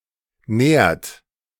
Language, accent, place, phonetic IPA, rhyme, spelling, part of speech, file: German, Germany, Berlin, [nɛːɐ̯t], -ɛːɐ̯t, nährt, verb, De-nährt.ogg
- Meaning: inflection of nähren: 1. third-person singular present 2. second-person plural present 3. plural imperative